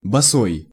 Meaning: barefoot
- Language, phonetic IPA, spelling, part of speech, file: Russian, [bɐˈsoj], босой, adjective, Ru-босой.ogg